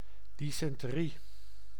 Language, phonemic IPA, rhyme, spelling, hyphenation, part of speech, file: Dutch, /ˌdi.sɛn.təˈri/, -i, dysenterie, dys‧en‧terie, noun, Nl-dysenterie.ogg
- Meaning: dysentery